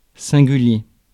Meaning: 1. singular 2. curious, strange, peculiar
- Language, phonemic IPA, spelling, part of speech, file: French, /sɛ̃.ɡy.lje/, singulier, adjective, Fr-singulier.ogg